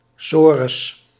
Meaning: tsuris; misery, worry
- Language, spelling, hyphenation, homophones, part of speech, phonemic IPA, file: Dutch, sores, so‧res, sorus, noun, /ˈsoː.rəs/, Nl-sores.ogg